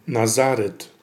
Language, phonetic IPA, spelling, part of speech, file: Polish, [naˈzarɛt], Nazaret, proper noun, Pl-Nazaret.ogg